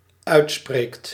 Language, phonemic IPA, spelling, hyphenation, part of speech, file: Dutch, /ˈœy̯tˌspreːkt/, uitspreekt, uit‧spreekt, verb, Nl-uitspreekt.ogg
- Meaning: second/third-person singular dependent-clause present indicative of uitspreken